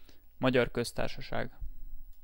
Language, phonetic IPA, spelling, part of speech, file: Hungarian, [ˈmɒɟɒr ˌkøstaːrʃɒʃaːɡ], Magyar Köztársaság, proper noun, Hu-Magyar Köztársaság.ogg
- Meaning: Republic of Hungary (former official name of Hungary (through 2011): a country in Central Europe)